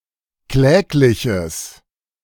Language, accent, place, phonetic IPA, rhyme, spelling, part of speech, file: German, Germany, Berlin, [ˈklɛːklɪçəs], -ɛːklɪçəs, klägliches, adjective, De-klägliches.ogg
- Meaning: strong/mixed nominative/accusative neuter singular of kläglich